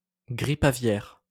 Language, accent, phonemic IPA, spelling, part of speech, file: French, France, /ɡʁip a.vjɛʁ/, grippe aviaire, noun, LL-Q150 (fra)-grippe aviaire.wav
- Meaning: avian influenza (strain of influenza)